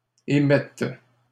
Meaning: third-person plural present indicative/subjunctive of émettre
- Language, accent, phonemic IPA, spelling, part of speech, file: French, Canada, /e.mɛt/, émettent, verb, LL-Q150 (fra)-émettent.wav